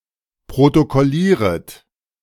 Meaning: second-person plural subjunctive I of protokollieren
- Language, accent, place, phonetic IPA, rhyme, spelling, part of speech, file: German, Germany, Berlin, [pʁotokɔˈliːʁət], -iːʁət, protokollieret, verb, De-protokollieret.ogg